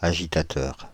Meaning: agitator, firebrand
- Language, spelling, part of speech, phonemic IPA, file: French, agitateur, noun, /a.ʒi.ta.tœʁ/, Fr-agitateur.ogg